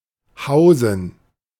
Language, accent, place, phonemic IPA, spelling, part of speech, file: German, Germany, Berlin, /ˈhaʊzən/, Hausen, noun, De-Hausen.ogg
- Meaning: Huso, genus of sturgeon